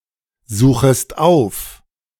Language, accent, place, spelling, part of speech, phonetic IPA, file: German, Germany, Berlin, suchest auf, verb, [ˌzuːxəst ˈaʊ̯f], De-suchest auf.ogg
- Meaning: second-person singular subjunctive I of aufsuchen